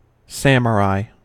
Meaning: In feudal Japan, a soldier who served a daimyo
- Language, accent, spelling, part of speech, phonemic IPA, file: English, US, samurai, noun, /ˈsæməˌɹaɪ/, En-us-samurai.ogg